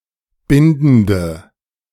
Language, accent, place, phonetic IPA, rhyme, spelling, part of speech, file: German, Germany, Berlin, [ˈbɪndn̩də], -ɪndn̩də, bindende, adjective, De-bindende.ogg
- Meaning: inflection of bindend: 1. strong/mixed nominative/accusative feminine singular 2. strong nominative/accusative plural 3. weak nominative all-gender singular 4. weak accusative feminine/neuter singular